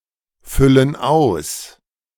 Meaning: inflection of ausfüllen: 1. first/third-person plural present 2. first/third-person plural subjunctive I
- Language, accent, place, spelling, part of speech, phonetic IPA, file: German, Germany, Berlin, füllen aus, verb, [ˌfʏlən ˈaʊ̯s], De-füllen aus.ogg